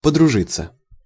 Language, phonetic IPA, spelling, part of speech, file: Russian, [pədrʊˈʐɨt͡sːə], подружиться, verb, Ru-подружиться.ogg
- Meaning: 1. to make friends with, to establish a friendly relationship with 2. passive of подружи́ть (podružítʹ)